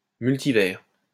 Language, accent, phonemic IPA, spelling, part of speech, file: French, France, /myl.ti.vɛʁ/, multivers, noun, LL-Q150 (fra)-multivers.wav
- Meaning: multiverse (hypothetical group of all possible universes)